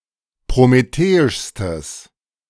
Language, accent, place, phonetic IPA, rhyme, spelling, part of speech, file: German, Germany, Berlin, [pʁomeˈteːɪʃstəs], -eːɪʃstəs, prometheischstes, adjective, De-prometheischstes.ogg
- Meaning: strong/mixed nominative/accusative neuter singular superlative degree of prometheisch